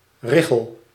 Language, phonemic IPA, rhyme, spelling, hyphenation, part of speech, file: Dutch, /ˈrɪ.xəl/, -ɪxəl, richel, ri‧chel, noun, Nl-richel.ogg
- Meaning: 1. ridge, ledge 2. bar, lath